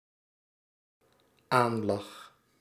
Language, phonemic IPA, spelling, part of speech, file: Dutch, /ˈanlɑx/, aanlag, verb, Nl-aanlag.ogg
- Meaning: singular dependent-clause past indicative of aanliggen